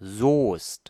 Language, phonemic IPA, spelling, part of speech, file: German, /zoːst/, Soest, proper noun, De-Soest.ogg
- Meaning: a town and rural district of North Rhine-Westphalia, Germany